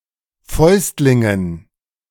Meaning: dative plural of Fäustling
- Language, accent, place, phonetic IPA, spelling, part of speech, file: German, Germany, Berlin, [ˈfɔɪ̯stlɪŋən], Fäustlingen, noun, De-Fäustlingen.ogg